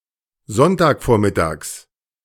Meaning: genitive of Sonntagvormittag
- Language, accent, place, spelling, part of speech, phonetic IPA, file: German, Germany, Berlin, Sonntagvormittags, noun, [ˈzɔntaːkˌfoːɐ̯mɪtaːks], De-Sonntagvormittags.ogg